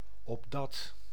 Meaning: so that
- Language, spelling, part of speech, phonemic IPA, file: Dutch, opdat, conjunction, /ɔbˈdɑt/, Nl-opdat.ogg